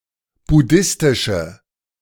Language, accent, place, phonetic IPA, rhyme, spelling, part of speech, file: German, Germany, Berlin, [bʊˈdɪstɪʃə], -ɪstɪʃə, buddhistische, adjective, De-buddhistische.ogg
- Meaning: inflection of buddhistisch: 1. strong/mixed nominative/accusative feminine singular 2. strong nominative/accusative plural 3. weak nominative all-gender singular